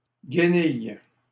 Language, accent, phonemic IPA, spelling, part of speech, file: French, Canada, /ɡə.nij/, guenille, noun, LL-Q150 (fra)-guenille.wav
- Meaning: rag(s)